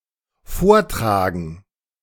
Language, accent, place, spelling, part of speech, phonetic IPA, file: German, Germany, Berlin, vortragen, verb, [ˈfoːɐ̯ˌtʁaːɡn̩], De-vortragen.ogg
- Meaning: 1. to lecture; to give a report 2. to present; to report 3. to recite or sing before an audience 4. to suggest or propose to a decision maker; to argue 5. to carry or take up front 6. to carry forward